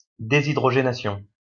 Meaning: dehydrogenation
- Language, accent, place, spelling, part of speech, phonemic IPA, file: French, France, Lyon, déshydrogénation, noun, /de.zi.dʁɔ.ʒe.na.sjɔ̃/, LL-Q150 (fra)-déshydrogénation.wav